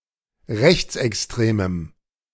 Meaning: strong dative masculine/neuter singular of rechtsextrem
- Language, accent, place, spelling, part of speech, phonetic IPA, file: German, Germany, Berlin, rechtsextremem, adjective, [ˈʁɛçt͡sʔɛksˌtʁeːməm], De-rechtsextremem.ogg